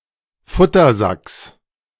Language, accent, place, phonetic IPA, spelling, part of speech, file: German, Germany, Berlin, [ˈfʊtɐˌzaks], Futtersacks, noun, De-Futtersacks.ogg
- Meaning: genitive of Futtersack